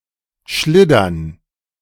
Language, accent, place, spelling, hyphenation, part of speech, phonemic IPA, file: German, Germany, Berlin, schliddern, schlid‧dern, verb, /ˈʃlɪdɐn/, De-schliddern.ogg
- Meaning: to slide